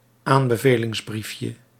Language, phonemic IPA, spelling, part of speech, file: Dutch, /ˈambəvelɪŋzˌbrifjə/, aanbevelingsbriefje, noun, Nl-aanbevelingsbriefje.ogg
- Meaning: diminutive of aanbevelingsbrief